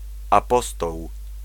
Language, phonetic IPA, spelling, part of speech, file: Polish, [aˈpɔstɔw], apostoł, noun, Pl-apostoł.ogg